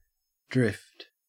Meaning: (noun) Movement; that which moves or is moved.: Anything driven at random
- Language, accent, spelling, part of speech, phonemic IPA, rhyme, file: English, Australia, drift, noun / verb, /dɹɪft/, -ɪft, En-au-drift.ogg